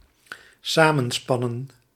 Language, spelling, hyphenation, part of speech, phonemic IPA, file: Dutch, samenspannen, sa‧men‧span‧nen, verb, /ˈsaː.mə(n)ˌspɑ.nə(n)/, Nl-samenspannen.ogg
- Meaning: to conspire [with tegen ‘against’]